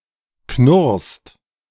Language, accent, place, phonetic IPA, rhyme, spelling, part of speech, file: German, Germany, Berlin, [knʊʁst], -ʊʁst, knurrst, verb, De-knurrst.ogg
- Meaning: second-person singular present of knurren